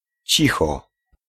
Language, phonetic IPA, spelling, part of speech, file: Polish, [ˈt͡ɕixɔ], cicho, adverb / interjection, Pl-cicho.ogg